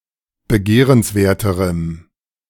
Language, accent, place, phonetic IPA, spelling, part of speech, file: German, Germany, Berlin, [bəˈɡeːʁənsˌveːɐ̯təʁəm], begehrenswerterem, adjective, De-begehrenswerterem.ogg
- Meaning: strong dative masculine/neuter singular comparative degree of begehrenswert